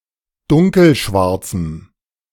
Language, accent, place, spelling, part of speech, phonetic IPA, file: German, Germany, Berlin, dunkelschwarzem, adjective, [ˈdʊŋkl̩ˌʃvaʁt͡sm̩], De-dunkelschwarzem.ogg
- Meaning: strong dative masculine/neuter singular of dunkelschwarz